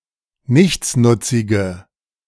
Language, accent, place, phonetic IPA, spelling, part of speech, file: German, Germany, Berlin, [ˈnɪçt͡snʊt͡sɪɡə], nichtsnutzige, adjective, De-nichtsnutzige.ogg
- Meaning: inflection of nichtsnutzig: 1. strong/mixed nominative/accusative feminine singular 2. strong nominative/accusative plural 3. weak nominative all-gender singular